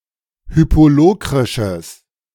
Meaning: strong/mixed nominative/accusative neuter singular of hypolokrisch
- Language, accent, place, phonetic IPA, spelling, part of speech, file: German, Germany, Berlin, [ˈhyːpoˌloːkʁɪʃəs], hypolokrisches, adjective, De-hypolokrisches.ogg